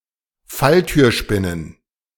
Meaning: plural of Falltürspinne
- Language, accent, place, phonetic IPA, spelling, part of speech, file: German, Germany, Berlin, [ˈfaltyːɐ̯ˌʃpɪnən], Falltürspinnen, noun, De-Falltürspinnen.ogg